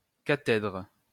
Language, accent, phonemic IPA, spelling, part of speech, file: French, France, /ka.tɛdʁ/, cathèdre, noun, LL-Q150 (fra)-cathèdre.wav
- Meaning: 1. cathedra 2. chair of university